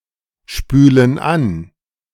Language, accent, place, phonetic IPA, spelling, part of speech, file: German, Germany, Berlin, [ˌʃpyːlən ˈan], spülen an, verb, De-spülen an.ogg
- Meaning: inflection of anspülen: 1. first/third-person plural present 2. first/third-person plural subjunctive I